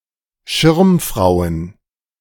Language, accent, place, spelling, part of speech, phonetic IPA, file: German, Germany, Berlin, Schirmfrauen, noun, [ˈʃɪʁmˌfʁaʊ̯ən], De-Schirmfrauen.ogg
- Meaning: plural of Schirmfrau